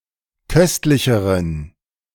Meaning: inflection of köstlich: 1. strong genitive masculine/neuter singular comparative degree 2. weak/mixed genitive/dative all-gender singular comparative degree
- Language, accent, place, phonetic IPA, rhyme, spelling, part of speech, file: German, Germany, Berlin, [ˈkœstlɪçəʁən], -œstlɪçəʁən, köstlicheren, adjective, De-köstlicheren.ogg